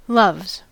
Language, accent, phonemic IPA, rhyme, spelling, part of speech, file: English, US, /lʌvz/, -ʌvz, loves, noun / verb, En-us-loves.ogg
- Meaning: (noun) plural of love; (verb) third-person singular simple present indicative of love